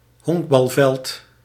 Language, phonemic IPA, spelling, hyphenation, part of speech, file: Dutch, /ˈɦɔŋk.bɑlˌvɛlt/, honkbalveld, honk‧bal‧veld, noun, Nl-honkbalveld.ogg
- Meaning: baseball field